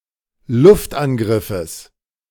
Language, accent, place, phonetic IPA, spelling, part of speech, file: German, Germany, Berlin, [ˈlʊftʔanˌɡʁɪfəs], Luftangriffes, noun, De-Luftangriffes.ogg
- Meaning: genitive singular of Luftangriff